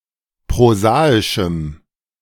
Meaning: strong dative masculine/neuter singular of prosaisch
- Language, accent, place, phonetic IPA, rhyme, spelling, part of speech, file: German, Germany, Berlin, [pʁoˈzaːɪʃm̩], -aːɪʃm̩, prosaischem, adjective, De-prosaischem.ogg